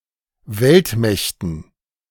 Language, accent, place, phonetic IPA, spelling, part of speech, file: German, Germany, Berlin, [ˈvɛltˌmɛçtn̩], Weltmächten, noun, De-Weltmächten.ogg
- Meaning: dative plural of Weltmacht